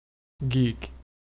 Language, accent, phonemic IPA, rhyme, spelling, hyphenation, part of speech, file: English, US, /ɡik/, -iːk, geek, geek, noun / verb, En-us-geek.ogg
- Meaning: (noun) A carnival performer specializing in bizarre and unappetizing behavior